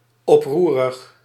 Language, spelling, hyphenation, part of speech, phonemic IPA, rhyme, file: Dutch, oproerig, op‧roe‧rig, adjective, /ˌɔpˈru.rəx/, -uːrəx, Nl-oproerig.ogg
- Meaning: seditious, rebellious